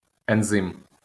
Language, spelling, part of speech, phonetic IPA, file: Ukrainian, ензим, noun, [enˈzɪm], LL-Q8798 (ukr)-ензим.wav
- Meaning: enzyme